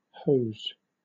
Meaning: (noun) 1. A flexible tube conveying water or other fluid 2. A stocking-like garment worn on the legs; pantyhose, women's tights 3. Close-fitting trousers or breeches, reaching to the knee
- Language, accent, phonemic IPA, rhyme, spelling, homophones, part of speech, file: English, Southern England, /həʊz/, -əʊz, hose, hoes, noun / verb, LL-Q1860 (eng)-hose.wav